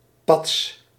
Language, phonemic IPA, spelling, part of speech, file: Dutch, /pɑts/, pats, noun / verb, Nl-pats.ogg
- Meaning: clap, crash